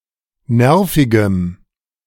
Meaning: strong dative masculine/neuter singular of nervig
- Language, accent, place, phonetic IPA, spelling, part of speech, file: German, Germany, Berlin, [ˈnɛʁfɪɡəm], nervigem, adjective, De-nervigem.ogg